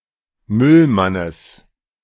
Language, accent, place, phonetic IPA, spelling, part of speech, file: German, Germany, Berlin, [ˈmʏlˌmanəs], Müllmannes, noun, De-Müllmannes.ogg
- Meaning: genitive of Müllmann